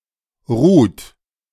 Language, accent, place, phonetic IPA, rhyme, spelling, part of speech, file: German, Germany, Berlin, [ʁuːt], -uːt, ruht, verb, De-ruht.ogg
- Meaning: inflection of ruhen: 1. third-person singular present 2. second-person plural present 3. plural imperative